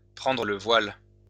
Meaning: to take the veil
- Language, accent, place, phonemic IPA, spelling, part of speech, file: French, France, Lyon, /pʁɑ̃.dʁə lə vwal/, prendre le voile, verb, LL-Q150 (fra)-prendre le voile.wav